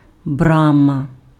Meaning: gate
- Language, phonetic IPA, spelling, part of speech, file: Ukrainian, [ˈbramɐ], брама, noun, Uk-брама.ogg